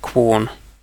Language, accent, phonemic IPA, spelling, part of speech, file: English, UK, /kwɔːn/, Quorn, proper noun, En-uk-Quorn.ogg
- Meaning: A famous fox hunt (one of the world's oldest, established in 1696) in Leicestershire